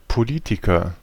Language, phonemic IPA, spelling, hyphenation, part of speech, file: German, /poˈliːtikɐ/, Politiker, Po‧li‧ti‧ker, noun, De-Politiker.ogg
- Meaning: politician